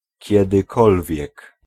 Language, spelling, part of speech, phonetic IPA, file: Polish, kiedykolwiek, adverb, [ˌcɛdɨˈkɔlvʲjɛk], Pl-kiedykolwiek.ogg